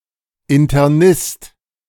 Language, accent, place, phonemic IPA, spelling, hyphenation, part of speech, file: German, Germany, Berlin, /ɪntɐˈnɪst/, Internist, In‧ter‧nist, noun, De-Internist.ogg
- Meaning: internist